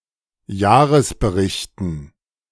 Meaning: dative plural of Jahresbericht
- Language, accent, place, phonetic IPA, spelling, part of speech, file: German, Germany, Berlin, [ˈjaːʁəsbəˌʁɪçtn̩], Jahresberichten, noun, De-Jahresberichten.ogg